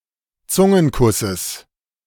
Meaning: genitive singular of Zungenkuss
- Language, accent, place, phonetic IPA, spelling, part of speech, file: German, Germany, Berlin, [ˈt͡sʊŋənˌkʊsəs], Zungenkusses, noun, De-Zungenkusses.ogg